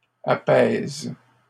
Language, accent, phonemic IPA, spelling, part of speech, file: French, Canada, /a.pɛz/, apaisent, verb, LL-Q150 (fra)-apaisent.wav
- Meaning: third-person plural present indicative/subjunctive of apaiser